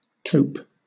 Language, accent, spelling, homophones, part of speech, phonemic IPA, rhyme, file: English, Southern England, tope, taupe, verb / noun, /təʊp/, -əʊp, LL-Q1860 (eng)-tope.wav
- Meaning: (verb) To drink excessively; to get drunk; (noun) 1. A small, grey, European shark, Galeorhinus galeus, that has rough skin and a long snout 2. A grove of trees